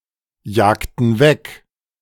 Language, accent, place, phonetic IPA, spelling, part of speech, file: German, Germany, Berlin, [ˌjaːktn̩ ˈvɛk], jagten weg, verb, De-jagten weg.ogg
- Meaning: inflection of wegjagen: 1. first/third-person plural preterite 2. first/third-person plural subjunctive II